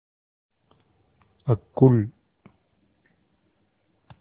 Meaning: armpit
- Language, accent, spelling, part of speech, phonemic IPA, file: Tamil, India, அக்குள், noun, /ɐkːʊɭ/, Ta-அக்குள்.ogg